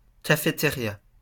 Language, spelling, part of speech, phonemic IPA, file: French, cafétéria, noun, /ka.fe.te.ʁja/, LL-Q150 (fra)-cafétéria.wav
- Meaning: cafeteria